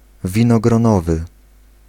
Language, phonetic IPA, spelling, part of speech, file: Polish, [ˌvʲĩnɔɡrɔ̃ˈnɔvɨ], winogronowy, adjective, Pl-winogronowy.ogg